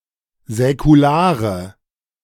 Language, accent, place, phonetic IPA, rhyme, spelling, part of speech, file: German, Germany, Berlin, [zɛkuˈlaːʁə], -aːʁə, säkulare, adjective, De-säkulare.ogg
- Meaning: inflection of säkular: 1. strong/mixed nominative/accusative feminine singular 2. strong nominative/accusative plural 3. weak nominative all-gender singular 4. weak accusative feminine/neuter singular